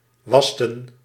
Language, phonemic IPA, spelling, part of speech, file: Dutch, /ˈʋɑs.tə(n)/, wasten, verb, Nl-wasten.ogg
- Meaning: inflection of wassen: 1. plural past indicative 2. plural past subjunctive